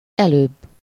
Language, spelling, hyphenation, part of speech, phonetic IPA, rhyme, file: Hungarian, előbb, előbb, adverb, [ˈɛløːbː], -øːbː, Hu-előbb.ogg
- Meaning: 1. before, sooner, earlier, prior 2. just (now), a short while ago, a little while ago, a moment ago